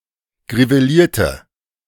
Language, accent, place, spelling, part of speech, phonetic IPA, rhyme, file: German, Germany, Berlin, grivelierte, adjective, [ɡʁiveˈliːɐ̯tə], -iːɐ̯tə, De-grivelierte.ogg
- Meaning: inflection of griveliert: 1. strong/mixed nominative/accusative feminine singular 2. strong nominative/accusative plural 3. weak nominative all-gender singular